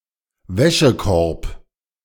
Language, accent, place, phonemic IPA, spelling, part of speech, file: German, Germany, Berlin, /ˈvɛʃəˌkɔʁp/, Wäschekorb, noun, De-Wäschekorb.ogg
- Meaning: laundry basket, clothes hamper, laundry bin (container for holding and transporting clothing before and after being laundered)